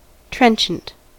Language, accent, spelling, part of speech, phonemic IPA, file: English, US, trenchant, adjective, /ˈtɹɛnʃənt/, En-us-trenchant.ogg
- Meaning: 1. Fitted to trench or cut; gutting; sharp 2. Fitted to trench or cut; gutting; sharp.: Adapted for tearing into flesh 3. Keen; biting; vigorously articulate and effective; severe